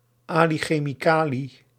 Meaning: Nickname of Ali Hassan al-Majid; Chemical Ali
- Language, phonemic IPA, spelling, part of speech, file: Dutch, /ˌaː.li xeː.miˈkaː.li/, Ali Chemicali, proper noun, Nl-Ali Chemicali.ogg